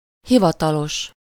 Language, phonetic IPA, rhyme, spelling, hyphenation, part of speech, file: Hungarian, [ˈhivɒtɒloʃ], -oʃ, hivatalos, hi‧va‧ta‧los, adjective, Hu-hivatalos.ogg
- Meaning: 1. official (authorized by a proper authority) 2. formal, businesslike 3. invited (to something: -ra/-re)